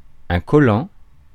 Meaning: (verb) present participle of coller; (adjective) 1. sticky, gluey, clammy 2. hard to shake off; clingy, clinging 3. skintight, close-fitting, clinging; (noun) body stocking, leotard
- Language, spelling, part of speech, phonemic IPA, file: French, collant, verb / adjective / noun, /kɔ.lɑ̃/, Fr-collant.ogg